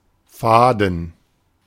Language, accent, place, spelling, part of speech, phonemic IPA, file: German, Germany, Berlin, Faden, noun, /ˈfaːdn̩/, De-Faden.ogg
- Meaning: 1. yarn, thread 2. fathom 3. suture